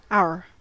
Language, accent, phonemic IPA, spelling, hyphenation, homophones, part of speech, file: English, US, /æwɝ/, our, our, ow, determiner / verb, En-us-our.ogg
- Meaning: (determiner) 1. Belonging to us, excluding the person(s) being addressed (exclusive our) 2. Belonging to us, including the person(s) being addressed (inclusive our)